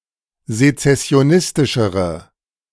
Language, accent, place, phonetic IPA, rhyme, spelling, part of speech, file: German, Germany, Berlin, [zet͡sɛsi̯oˈnɪstɪʃəʁə], -ɪstɪʃəʁə, sezessionistischere, adjective, De-sezessionistischere.ogg
- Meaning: inflection of sezessionistisch: 1. strong/mixed nominative/accusative feminine singular comparative degree 2. strong nominative/accusative plural comparative degree